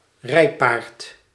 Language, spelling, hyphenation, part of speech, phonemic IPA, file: Dutch, rijpaard, rij‧paard, noun, /ˈrɛi̯.paːrt/, Nl-rijpaard.ogg
- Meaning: a riding horse, a horse that is suited as a mount (as opposed to a work horse or a draught horse)